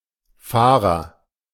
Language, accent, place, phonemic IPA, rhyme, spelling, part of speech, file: German, Germany, Berlin, /ˈfaːʁɐ/, -aːʁɐ, Fahrer, noun, De-Fahrer.ogg
- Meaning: agent noun of fahren; driver (person)